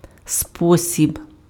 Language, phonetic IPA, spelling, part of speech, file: Ukrainian, [ˈspɔsʲib], спосіб, noun, Uk-спосіб.ogg
- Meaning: 1. way, means, manner 2. mood